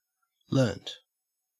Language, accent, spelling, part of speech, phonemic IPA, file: English, Australia, learnt, verb, /ˈlɜːnt/, En-au-learnt.ogg
- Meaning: 1. simple past of learn 2. past participle of learn